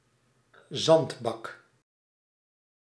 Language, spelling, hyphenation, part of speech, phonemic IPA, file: Dutch, zandbak, zand‧bak, noun, /ˈzɑnt.bɑk/, Nl-zandbak.ogg
- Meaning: sandbox, sandpit